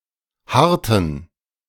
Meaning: inflection of harren: 1. first/third-person plural preterite 2. first/third-person plural subjunctive II
- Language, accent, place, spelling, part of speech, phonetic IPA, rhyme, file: German, Germany, Berlin, harrten, verb, [ˈhaʁtn̩], -aʁtn̩, De-harrten.ogg